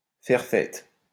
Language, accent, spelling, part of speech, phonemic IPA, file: French, France, faire fête, verb, /fɛʁ fɛt/, LL-Q150 (fra)-faire fête.wav
- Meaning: to welcome enthusiastically, to greet with eagerness